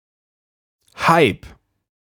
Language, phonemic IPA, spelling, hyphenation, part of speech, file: German, /haɪ̯p/, Hype, Hy‧pe, noun, De-Hype.ogg
- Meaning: hype